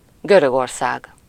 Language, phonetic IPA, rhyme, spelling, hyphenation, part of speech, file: Hungarian, [ˈɡørøɡorsaːɡ], -aːɡ, Görögország, Gö‧rög‧or‧szág, proper noun, Hu-Görögország.ogg
- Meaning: Greece (a country in Southeastern Europe; official name: Görög Köztársaság)